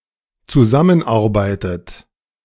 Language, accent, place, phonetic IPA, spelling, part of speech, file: German, Germany, Berlin, [t͡suˈzamənˌʔaʁbaɪ̯tət], zusammenarbeitet, verb, De-zusammenarbeitet.ogg
- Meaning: inflection of zusammenarbeiten: 1. third-person singular dependent present 2. second-person plural dependent present 3. second-person plural dependent subjunctive I